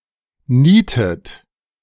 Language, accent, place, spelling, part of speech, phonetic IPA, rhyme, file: German, Germany, Berlin, nietet, verb, [ˈniːtət], -iːtət, De-nietet.ogg
- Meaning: inflection of nieten: 1. third-person singular present 2. second-person plural present 3. plural imperative 4. second-person plural subjunctive I